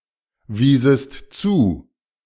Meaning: second-person singular subjunctive II of zuweisen
- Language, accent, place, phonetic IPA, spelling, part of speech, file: German, Germany, Berlin, [ˌviːsəst ˈt͡suː], wiesest zu, verb, De-wiesest zu.ogg